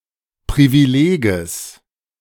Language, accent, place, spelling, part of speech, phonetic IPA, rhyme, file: German, Germany, Berlin, Privileges, noun, [ˌpʁiviˈleːɡəs], -eːɡəs, De-Privileges.ogg
- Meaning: genitive singular of Privileg